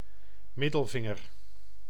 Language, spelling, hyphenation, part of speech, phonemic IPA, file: Dutch, middelvinger, mid‧del‧vin‧ger, noun, /ˈmɪ.dəlˌvɪ.ŋər/, Nl-middelvinger.ogg
- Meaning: middle finger